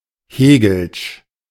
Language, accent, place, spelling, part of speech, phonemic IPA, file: German, Germany, Berlin, hegelsch, adjective, /ˈheːɡl̩ʃ/, De-hegelsch.ogg
- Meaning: Hegelian